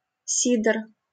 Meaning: cider
- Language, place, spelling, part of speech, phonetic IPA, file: Russian, Saint Petersburg, сидр, noun, [ˈsʲid(ə)r], LL-Q7737 (rus)-сидр.wav